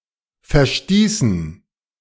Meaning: inflection of verstoßen: 1. first/third-person plural preterite 2. first/third-person plural subjunctive II
- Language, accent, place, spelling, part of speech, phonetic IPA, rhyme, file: German, Germany, Berlin, verstießen, verb, [fɛɐ̯ˈstiːsn̩], -iːsn̩, De-verstießen.ogg